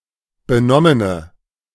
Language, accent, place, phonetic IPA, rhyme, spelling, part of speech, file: German, Germany, Berlin, [bəˈnɔmənə], -ɔmənə, benommene, adjective, De-benommene.ogg
- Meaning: inflection of benommen: 1. strong/mixed nominative/accusative feminine singular 2. strong nominative/accusative plural 3. weak nominative all-gender singular